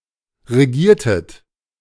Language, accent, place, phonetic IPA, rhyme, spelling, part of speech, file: German, Germany, Berlin, [ʁeˈɡiːɐ̯tət], -iːɐ̯tət, regiertet, verb, De-regiertet.ogg
- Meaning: inflection of regieren: 1. second-person plural preterite 2. second-person plural subjunctive II